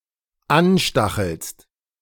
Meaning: second-person singular dependent present of anstacheln
- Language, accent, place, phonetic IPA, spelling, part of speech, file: German, Germany, Berlin, [ˈanˌʃtaxl̩st], anstachelst, verb, De-anstachelst.ogg